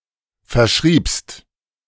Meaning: second-person singular preterite of verschreiben
- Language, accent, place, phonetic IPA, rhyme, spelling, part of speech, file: German, Germany, Berlin, [fɛɐ̯ˈʃʁiːpst], -iːpst, verschriebst, verb, De-verschriebst.ogg